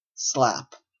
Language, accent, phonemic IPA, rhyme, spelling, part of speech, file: English, Canada, /slæp/, -æp, slap, noun / verb / adverb / adjective, En-ca-slap.oga
- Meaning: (noun) 1. A blow, especially one given with the open hand, or with something broad and flat 2. A sharp percussive sound like that produced by such a blow